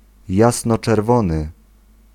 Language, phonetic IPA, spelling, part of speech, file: Polish, [ˌjasnɔt͡ʃɛrˈvɔ̃nɨ], jasnoczerwony, adjective, Pl-jasnoczerwony.ogg